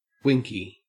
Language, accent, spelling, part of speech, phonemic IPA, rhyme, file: English, Australia, winky, adjective / noun, /ˈwɪŋki/, -ɪŋki, En-au-winky.ogg
- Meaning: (adjective) Tending to wink; winking; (noun) 1. An emoticon or smiley that shows a winking face, such as ;-) or 😉 2. The penis